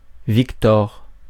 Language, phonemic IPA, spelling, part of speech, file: French, /vik.tɔʁ/, Victor, proper noun, Fr-Victor.ogg
- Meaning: a male given name, equivalent to English Victor